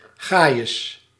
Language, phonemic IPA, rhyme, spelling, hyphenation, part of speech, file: Dutch, /ˈɣaː.jəs/, -aːjəs, gajes, ga‧jes, noun, Nl-gajes.ogg
- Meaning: riffraff, rabble